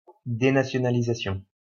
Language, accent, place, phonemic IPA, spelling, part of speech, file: French, France, Lyon, /de.na.sjɔ.na.li.za.sjɔ̃/, dénationalisation, noun, LL-Q150 (fra)-dénationalisation.wav
- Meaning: denationalization